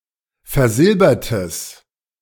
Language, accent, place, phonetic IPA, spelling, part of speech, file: German, Germany, Berlin, [fɛɐ̯ˈzɪlbɐtəs], versilbertes, adjective, De-versilbertes.ogg
- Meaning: strong/mixed nominative/accusative neuter singular of versilbert